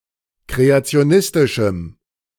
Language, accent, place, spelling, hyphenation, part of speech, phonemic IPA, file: German, Germany, Berlin, kreationistischem, kre‧a‧ti‧o‧nis‧ti‧schem, adjective, /ˌkʁeat͡si̯oˈnɪstɪʃm̩/, De-kreationistischem.ogg
- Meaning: strong dative masculine/neuter singular of kreationistisch